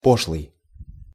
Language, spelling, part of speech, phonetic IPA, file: Russian, пошлый, adjective, [ˈpoʂɫɨj], Ru-пошлый.ogg
- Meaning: 1. vulgar, commonplace, trivial, banal, trite 2. erotic, sexual, bawdy, pertaining to sexuality or sexual activity 3. pertaining to defecation, urination or farting